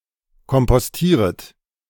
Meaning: second-person plural subjunctive I of kompostieren
- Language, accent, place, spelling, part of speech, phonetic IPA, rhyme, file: German, Germany, Berlin, kompostieret, verb, [kɔmpɔsˈtiːʁət], -iːʁət, De-kompostieret.ogg